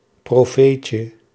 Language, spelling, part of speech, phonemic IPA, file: Dutch, profeetje, noun, /proˈfecə/, Nl-profeetje.ogg
- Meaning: diminutive of profeet